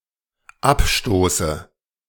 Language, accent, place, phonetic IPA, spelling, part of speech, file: German, Germany, Berlin, [ˈapˌʃtoːsə], abstoße, verb, De-abstoße.ogg
- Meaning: inflection of abstoßen: 1. first-person singular dependent present 2. first/third-person singular dependent subjunctive I